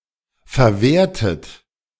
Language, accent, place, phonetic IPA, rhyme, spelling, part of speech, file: German, Germany, Berlin, [fɛɐ̯ˈveːɐ̯tət], -eːɐ̯tət, verwehrtet, verb, De-verwehrtet.ogg
- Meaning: inflection of verwehren: 1. second-person plural preterite 2. second-person plural subjunctive II